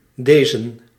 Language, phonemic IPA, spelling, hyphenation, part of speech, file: Dutch, /ˈdeː.zə(n)/, dezen, de‧zen, pronoun / determiner, Nl-dezen.ogg
- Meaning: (pronoun) 1. personal plural of deze 2. Fossiled dative form of dit used in certain prepositional expressions; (determiner) singular dative/accusative masculine of deze: this, to this